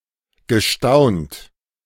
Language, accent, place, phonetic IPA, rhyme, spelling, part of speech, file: German, Germany, Berlin, [ɡəˈʃtaʊ̯nt], -aʊ̯nt, gestaunt, verb, De-gestaunt.ogg
- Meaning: past participle of staunen